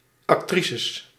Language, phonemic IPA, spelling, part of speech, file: Dutch, /ɑkˈtrisəs/, actrices, noun, Nl-actrices.ogg
- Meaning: plural of actrice